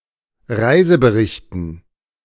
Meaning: dative plural of Reisebericht
- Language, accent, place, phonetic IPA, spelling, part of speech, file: German, Germany, Berlin, [ˈʁaɪ̯zəbəˌʁɪçtn̩], Reiseberichten, noun, De-Reiseberichten.ogg